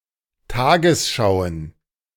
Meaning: plural of Tagesschau
- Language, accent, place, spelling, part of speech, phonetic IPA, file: German, Germany, Berlin, Tagesschauen, noun, [ˈtaːɡəsˌʃaʊ̯ən], De-Tagesschauen.ogg